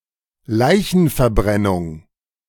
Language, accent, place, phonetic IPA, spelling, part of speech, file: German, Germany, Berlin, [ˈlaɪ̯çn̩fɛɐ̯ˌbʁɛnʊŋ], Leichenverbrennung, noun, De-Leichenverbrennung.ogg
- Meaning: cremation